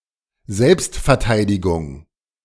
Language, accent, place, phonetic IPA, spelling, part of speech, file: German, Germany, Berlin, [ˈzɛlpstfɛɐ̯ˌtaɪ̯dɪɡʊŋ], Selbstverteidigung, noun, De-Selbstverteidigung.ogg
- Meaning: self-defense, self-defence